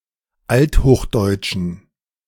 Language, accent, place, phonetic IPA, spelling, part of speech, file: German, Germany, Berlin, [ˈalthoːxˌdɔɪ̯tʃn̩], althochdeutschen, adjective, De-althochdeutschen.ogg
- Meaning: inflection of althochdeutsch: 1. strong genitive masculine/neuter singular 2. weak/mixed genitive/dative all-gender singular 3. strong/weak/mixed accusative masculine singular 4. strong dative plural